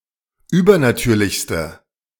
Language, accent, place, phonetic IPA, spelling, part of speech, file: German, Germany, Berlin, [ˈyːbɐnaˌtyːɐ̯lɪçstə], übernatürlichste, adjective, De-übernatürlichste.ogg
- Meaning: inflection of übernatürlich: 1. strong/mixed nominative/accusative feminine singular superlative degree 2. strong nominative/accusative plural superlative degree